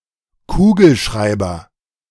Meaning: 1. ballpoint pen, biro 2. biro ink
- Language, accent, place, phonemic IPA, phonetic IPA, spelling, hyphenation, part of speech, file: German, Germany, Berlin, /ˈkuːɡəlˌʃraɪ̯bər/, [ˈkuːɡl̩ˌʃʁaɪ̯bɐ], Kugelschreiber, Ku‧gel‧schrei‧ber, noun, De-Kugelschreiber.ogg